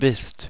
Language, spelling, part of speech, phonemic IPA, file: German, bist, verb, /bɪst/, De-bist.ogg
- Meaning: second-person singular present of sein